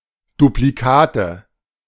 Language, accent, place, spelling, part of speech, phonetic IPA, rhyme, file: German, Germany, Berlin, Duplikate, noun, [dupliˈkaːtə], -aːtə, De-Duplikate.ogg
- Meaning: nominative/accusative/genitive plural of Duplikat